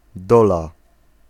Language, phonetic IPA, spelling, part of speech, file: Polish, [ˈdɔla], dola, noun, Pl-dola.ogg